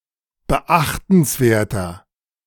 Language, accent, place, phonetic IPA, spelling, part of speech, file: German, Germany, Berlin, [bəˈʔaxtn̩sˌveːɐ̯tɐ], beachtenswerter, adjective, De-beachtenswerter.ogg
- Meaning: 1. comparative degree of beachtenswert 2. inflection of beachtenswert: strong/mixed nominative masculine singular 3. inflection of beachtenswert: strong genitive/dative feminine singular